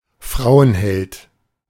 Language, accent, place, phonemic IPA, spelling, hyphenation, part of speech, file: German, Germany, Berlin, /ˈfʁaʊ̯ənˌhɛlt/, Frauenheld, Frau‧en‧held, noun, De-Frauenheld.ogg
- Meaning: womanizer